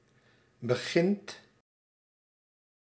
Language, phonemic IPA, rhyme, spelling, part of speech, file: Dutch, /bə.ˈɣɪnt/, -ɪnt, begint, verb, Nl-begint.ogg
- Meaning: inflection of beginnen: 1. second/third-person singular present indicative 2. plural imperative